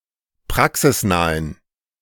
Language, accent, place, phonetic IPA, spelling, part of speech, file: German, Germany, Berlin, [ˈpʁaksɪsˌnaːən], praxisnahen, adjective, De-praxisnahen.ogg
- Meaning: inflection of praxisnah: 1. strong genitive masculine/neuter singular 2. weak/mixed genitive/dative all-gender singular 3. strong/weak/mixed accusative masculine singular 4. strong dative plural